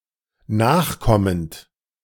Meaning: present participle of nachkommen
- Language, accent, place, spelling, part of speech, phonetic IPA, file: German, Germany, Berlin, nachkommend, verb, [ˈnaːxˌkɔmənt], De-nachkommend.ogg